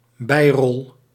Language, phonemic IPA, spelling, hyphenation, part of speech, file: Dutch, /ˈbɛi̯.rɔl/, bijrol, bij‧rol, noun, Nl-bijrol.ogg
- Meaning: minor role, supporting role